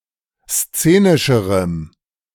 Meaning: strong dative masculine/neuter singular comparative degree of szenisch
- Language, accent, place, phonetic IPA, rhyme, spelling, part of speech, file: German, Germany, Berlin, [ˈst͡seːnɪʃəʁəm], -eːnɪʃəʁəm, szenischerem, adjective, De-szenischerem.ogg